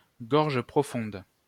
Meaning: deepthroating
- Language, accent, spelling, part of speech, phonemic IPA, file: French, France, gorge profonde, noun, /ɡɔʁ.ʒ(ə) pʁɔ.fɔ̃d/, LL-Q150 (fra)-gorge profonde.wav